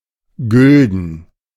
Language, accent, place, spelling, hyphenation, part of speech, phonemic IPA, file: German, Germany, Berlin, gülden, gül‧den, adjective, /ɡʏldən/, De-gülden.ogg
- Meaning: alternative form of golden (“golden”)